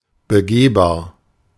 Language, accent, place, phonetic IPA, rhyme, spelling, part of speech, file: German, Germany, Berlin, [bəˈɡeːbaːɐ̯], -eːbaːɐ̯, begehbar, adjective, De-begehbar.ogg
- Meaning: accessible, walk-in